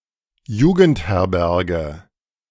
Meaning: youth hostel (a supervised, inexpensive lodging place, primarily for young people)
- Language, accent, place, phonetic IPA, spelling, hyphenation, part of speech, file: German, Germany, Berlin, [ˈjuːɡənthɛʁbɛʁɡə], Jugendherberge, Ju‧gend‧her‧ber‧ge, noun, De-Jugendherberge.ogg